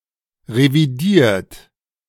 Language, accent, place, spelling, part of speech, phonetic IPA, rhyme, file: German, Germany, Berlin, revidiert, adjective / verb, [ʁeviˈdiːɐ̯t], -iːɐ̯t, De-revidiert.ogg
- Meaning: 1. past participle of revidieren 2. inflection of revidieren: third-person singular present 3. inflection of revidieren: second-person plural present 4. inflection of revidieren: plural imperative